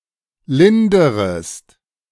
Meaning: second-person singular subjunctive I of lindern
- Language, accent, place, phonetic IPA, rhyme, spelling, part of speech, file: German, Germany, Berlin, [ˈlɪndəʁəst], -ɪndəʁəst, linderest, verb, De-linderest.ogg